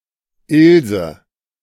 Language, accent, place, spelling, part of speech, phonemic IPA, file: German, Germany, Berlin, Ilse, proper noun, /ˈʔɪlzə/, De-Ilse.ogg
- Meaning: a diminutive of the female given name Elisabeth, popular in the 1920s and 1930s